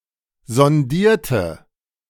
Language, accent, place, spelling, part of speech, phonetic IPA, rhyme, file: German, Germany, Berlin, sondierte, adjective / verb, [zɔnˈdiːɐ̯tə], -iːɐ̯tə, De-sondierte.ogg
- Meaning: inflection of sondieren: 1. first/third-person singular preterite 2. first/third-person singular subjunctive II